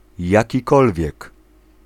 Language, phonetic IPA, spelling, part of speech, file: Polish, [ˌjäciˈkɔlvʲjɛk], jakikolwiek, pronoun, Pl-jakikolwiek.ogg